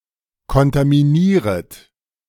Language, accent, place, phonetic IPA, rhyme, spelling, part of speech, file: German, Germany, Berlin, [kɔntamiˈniːʁət], -iːʁət, kontaminieret, verb, De-kontaminieret.ogg
- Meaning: second-person plural subjunctive I of kontaminieren